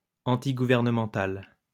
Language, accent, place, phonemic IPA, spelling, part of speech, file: French, France, Lyon, /ɑ̃.ti.ɡu.vɛʁ.nə.mɑ̃.tal/, antigouvernemental, adjective, LL-Q150 (fra)-antigouvernemental.wav
- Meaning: antigovernmental